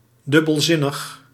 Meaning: ambiguous
- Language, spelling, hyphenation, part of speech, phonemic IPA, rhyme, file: Dutch, dubbelzinnig, dub‧bel‧zin‧nig, adjective, /ˌdʏ.bəlˈzɪ.nəx/, -ɪnəx, Nl-dubbelzinnig.ogg